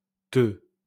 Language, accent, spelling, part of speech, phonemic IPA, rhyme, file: French, France, te, pronoun, /tə/, -ə, LL-Q150 (fra)-te.wav
- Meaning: 1. you 2. yourself